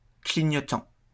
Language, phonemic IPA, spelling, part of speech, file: French, /kli.ɲɔ.tɑ̃/, clignotant, adjective / noun / verb, LL-Q150 (fra)-clignotant.wav
- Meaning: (adjective) 1. flashing 2. nictitating; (noun) turn signal, blinker (indicator in a vehicle to signal a turn); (verb) present participle of clignoter